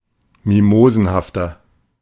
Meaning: 1. comparative degree of mimosenhaft 2. inflection of mimosenhaft: strong/mixed nominative masculine singular 3. inflection of mimosenhaft: strong genitive/dative feminine singular
- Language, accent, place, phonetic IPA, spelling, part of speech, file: German, Germany, Berlin, [ˈmimoːzn̩haftɐ], mimosenhafter, adjective, De-mimosenhafter.ogg